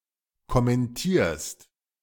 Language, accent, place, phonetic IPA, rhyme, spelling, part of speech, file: German, Germany, Berlin, [kɔmɛnˈtiːɐ̯st], -iːɐ̯st, kommentierst, verb, De-kommentierst.ogg
- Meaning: second-person singular present of kommentieren